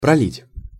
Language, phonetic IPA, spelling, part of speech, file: Russian, [prɐˈlʲitʲ], пролить, verb, Ru-пролить.ogg
- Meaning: 1. to spill 2. to shed (light, tears, blood)